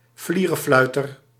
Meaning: someone with a happy-go-lucky mentality, a frivolous person
- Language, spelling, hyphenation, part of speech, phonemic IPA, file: Dutch, flierefluiter, flie‧re‧flui‧ter, noun, /ˈflirəˌflœytər/, Nl-flierefluiter.ogg